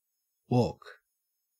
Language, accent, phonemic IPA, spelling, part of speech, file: English, Australia, /woːk/, walk, verb / noun, En-au-walk.ogg